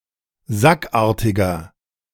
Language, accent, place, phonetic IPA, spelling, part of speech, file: German, Germany, Berlin, [ˈzakˌʔaːɐ̯tɪɡɐ], sackartiger, adjective, De-sackartiger.ogg
- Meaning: 1. comparative degree of sackartig 2. inflection of sackartig: strong/mixed nominative masculine singular 3. inflection of sackartig: strong genitive/dative feminine singular